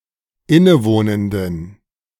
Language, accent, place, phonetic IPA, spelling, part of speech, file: German, Germany, Berlin, [ˈɪnəˌvoːnəndn̩], innewohnenden, adjective, De-innewohnenden.ogg
- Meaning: inflection of innewohnend: 1. strong genitive masculine/neuter singular 2. weak/mixed genitive/dative all-gender singular 3. strong/weak/mixed accusative masculine singular 4. strong dative plural